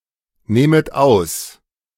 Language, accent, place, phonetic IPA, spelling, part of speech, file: German, Germany, Berlin, [ˌneːmət ˈaʊ̯s], nehmet aus, verb, De-nehmet aus.ogg
- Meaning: second-person plural subjunctive I of ausnehmen